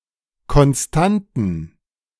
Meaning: plural of Konstante
- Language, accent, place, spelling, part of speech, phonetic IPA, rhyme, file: German, Germany, Berlin, Konstanten, noun, [kɔnˈstantn̩], -antn̩, De-Konstanten.ogg